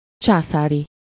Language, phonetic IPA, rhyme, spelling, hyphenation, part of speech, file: Hungarian, [ˈt͡ʃaːsaːri], -ri, császári, csá‧szá‧ri, adjective / noun, Hu-császári.ogg
- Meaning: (adjective) imperial (of or related to an empire, emperor, or empress); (noun) the imperials (the military forces of the Habsburg Empire; individuals supporting the emperor)